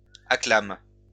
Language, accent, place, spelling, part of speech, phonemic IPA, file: French, France, Lyon, acclame, verb, /a.klam/, LL-Q150 (fra)-acclame.wav
- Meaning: inflection of acclamer: 1. first/third-person singular present indicative/subjunctive 2. second-person singular imperative